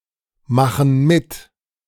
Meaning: inflection of mitmachen: 1. first/third-person plural present 2. first/third-person plural subjunctive I
- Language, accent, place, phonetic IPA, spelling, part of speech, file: German, Germany, Berlin, [ˌmaxn̩ ˈmɪt], machen mit, verb, De-machen mit.ogg